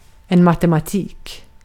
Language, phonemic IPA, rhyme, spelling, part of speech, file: Swedish, /matɛmaˈtiːk/, -iːk, matematik, noun, Sv-matematik.ogg
- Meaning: mathematics